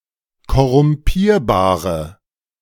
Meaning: inflection of korrumpierbar: 1. strong/mixed nominative/accusative feminine singular 2. strong nominative/accusative plural 3. weak nominative all-gender singular
- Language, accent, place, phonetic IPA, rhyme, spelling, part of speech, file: German, Germany, Berlin, [kɔʁʊmˈpiːɐ̯baːʁə], -iːɐ̯baːʁə, korrumpierbare, adjective, De-korrumpierbare.ogg